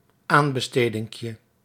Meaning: diminutive of aanbesteding
- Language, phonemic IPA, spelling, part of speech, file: Dutch, /ˈambəˌstediŋkjə/, aanbestedinkje, noun, Nl-aanbestedinkje.ogg